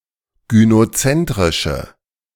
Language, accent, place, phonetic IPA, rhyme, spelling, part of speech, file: German, Germany, Berlin, [ɡynoˈt͡sɛntʁɪʃə], -ɛntʁɪʃə, gynozentrische, adjective, De-gynozentrische.ogg
- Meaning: inflection of gynozentrisch: 1. strong/mixed nominative/accusative feminine singular 2. strong nominative/accusative plural 3. weak nominative all-gender singular